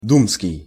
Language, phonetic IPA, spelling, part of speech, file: Russian, [ˈdumskʲɪj], думский, adjective, Ru-думский.ogg
- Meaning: duma